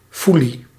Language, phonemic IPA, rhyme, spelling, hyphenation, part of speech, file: Dutch, /ˈfu.li/, -uli, foelie, foe‧lie, noun, Nl-foelie.ogg
- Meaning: 1. mace (Myristica fragrans) 2. mace, a spice obtained from the fruit of the nutmeg 3. archaic form of folie